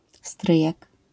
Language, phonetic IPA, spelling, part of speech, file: Polish, [ˈstrɨjɛk], stryjek, noun, LL-Q809 (pol)-stryjek.wav